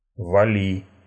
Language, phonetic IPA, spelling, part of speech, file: Russian, [vɐˈlʲi], вали, verb, Ru-вали́.ogg
- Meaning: second-person singular imperative imperfective of вали́ть (valítʹ)